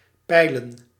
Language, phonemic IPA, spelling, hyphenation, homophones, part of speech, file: Dutch, /ˈpɛi̯lə(n)/, peilen, pei‧len, pijlen, verb / noun, Nl-peilen.ogg
- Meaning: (verb) 1. to fathom, by casting a lead and line in order to ascertain the depth of water 2. to test, probe, get the feel of 3. to poll; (noun) plural of peil